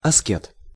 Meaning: ascetic
- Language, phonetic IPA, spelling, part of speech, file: Russian, [ɐˈskʲet], аскет, noun, Ru-аскет.ogg